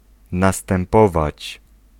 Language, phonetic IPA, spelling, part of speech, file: Polish, [ˌnastɛ̃mˈpɔvat͡ɕ], następować, verb, Pl-następować.ogg